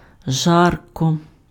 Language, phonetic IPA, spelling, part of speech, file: Ukrainian, [ˈʒarkɔ], жарко, adverb / adjective, Uk-жарко.ogg
- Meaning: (adverb) hotly; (adjective) it is hot